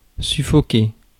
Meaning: to suffocate
- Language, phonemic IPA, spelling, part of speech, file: French, /sy.fɔ.ke/, suffoquer, verb, Fr-suffoquer.ogg